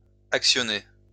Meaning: inflection of actionner: 1. second-person plural present indicative 2. second-person plural imperative
- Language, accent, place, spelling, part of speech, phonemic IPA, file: French, France, Lyon, actionnez, verb, /ak.sjɔ.ne/, LL-Q150 (fra)-actionnez.wav